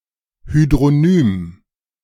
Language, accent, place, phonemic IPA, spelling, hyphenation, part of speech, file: German, Germany, Berlin, /hydʁoˈnyːm/, Hydronym, Hy‧d‧ro‧nym, noun, De-Hydronym.ogg
- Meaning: hydronym (name of a body of water)